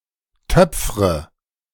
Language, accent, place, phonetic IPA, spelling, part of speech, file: German, Germany, Berlin, [ˈtœp͡fʁə], töpfre, verb, De-töpfre.ogg
- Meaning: inflection of töpfern: 1. first-person singular present 2. first/third-person singular subjunctive I 3. singular imperative